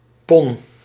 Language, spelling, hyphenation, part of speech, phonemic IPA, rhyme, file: Dutch, pon, pon, noun, /pɔn/, -ɔn, Nl-pon.ogg
- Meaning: nightgown, nightdress